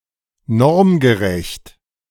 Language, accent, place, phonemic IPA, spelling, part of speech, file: German, Germany, Berlin, /ˈnɔʁmɡəˌʁɛçt/, normgerecht, adjective, De-normgerecht.ogg
- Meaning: regulation, standard (according to standards)